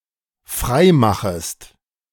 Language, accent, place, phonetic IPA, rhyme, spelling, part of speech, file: German, Germany, Berlin, [ˈfʁaɪ̯ˌmaxəst], -aɪ̯maxəst, freimachest, verb, De-freimachest.ogg
- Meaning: second-person singular dependent subjunctive I of freimachen